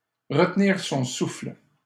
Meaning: to hold one's breath
- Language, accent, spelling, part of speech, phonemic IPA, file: French, Canada, retenir son souffle, verb, /ʁə.t(ə).niʁ sɔ̃ sufl/, LL-Q150 (fra)-retenir son souffle.wav